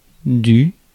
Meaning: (contraction) contraction of de + le, literally “of the”; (article) Forms the partitive article
- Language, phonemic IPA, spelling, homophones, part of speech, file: French, /dy/, du, dû / due / dues / dus / dût, contraction / article, Fr-du.ogg